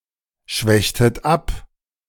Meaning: inflection of abschwächen: 1. second-person plural preterite 2. second-person plural subjunctive II
- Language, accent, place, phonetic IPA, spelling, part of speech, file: German, Germany, Berlin, [ˌʃvɛçtət ˈap], schwächtet ab, verb, De-schwächtet ab.ogg